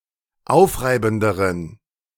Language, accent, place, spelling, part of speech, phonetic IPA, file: German, Germany, Berlin, aufreibenderen, adjective, [ˈaʊ̯fˌʁaɪ̯bn̩dəʁən], De-aufreibenderen.ogg
- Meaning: inflection of aufreibend: 1. strong genitive masculine/neuter singular comparative degree 2. weak/mixed genitive/dative all-gender singular comparative degree